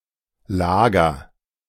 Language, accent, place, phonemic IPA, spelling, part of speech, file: German, Germany, Berlin, /ˈlaːɡɐ/, Lager, noun / adjective, De-Lager.ogg
- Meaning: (noun) 1. place where one sleeps, such as a bed or a spot in a barn, etc 2. lair of an animal (but not usually underground, for which Bau) 3. camp (accommodation of tents or quickly built houses)